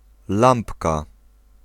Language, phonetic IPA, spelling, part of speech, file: Polish, [ˈlãmpka], lampka, noun, Pl-lampka.ogg